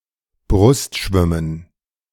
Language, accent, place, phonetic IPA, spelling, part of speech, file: German, Germany, Berlin, [ˈbʁʊstˌʃvɪmən], Brust schwimmen, verb, De-Brust schwimmen.ogg
- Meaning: to breaststroke